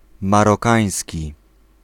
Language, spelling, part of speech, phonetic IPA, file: Polish, marokański, adjective, [ˌmarɔˈkãj̃sʲci], Pl-marokański.ogg